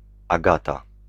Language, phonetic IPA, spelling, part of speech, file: Polish, [aˈɡata], Agata, proper noun, Pl-Agata.ogg